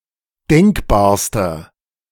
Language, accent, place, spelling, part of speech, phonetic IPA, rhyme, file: German, Germany, Berlin, denkbarster, adjective, [ˈdɛŋkbaːɐ̯stɐ], -ɛŋkbaːɐ̯stɐ, De-denkbarster.ogg
- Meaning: inflection of denkbar: 1. strong/mixed nominative masculine singular superlative degree 2. strong genitive/dative feminine singular superlative degree 3. strong genitive plural superlative degree